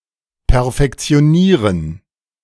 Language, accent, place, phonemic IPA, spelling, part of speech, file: German, Germany, Berlin, /pɛɐ̯fɛkt͡si̯oˈniːʁən/, perfektionieren, verb, De-perfektionieren.ogg
- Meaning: to bring to perfection, to perfect